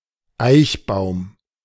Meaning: a surname
- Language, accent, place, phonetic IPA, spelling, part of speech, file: German, Germany, Berlin, [ˈaɪ̯çˌbaʊ̯m], Eichbaum, noun, De-Eichbaum.ogg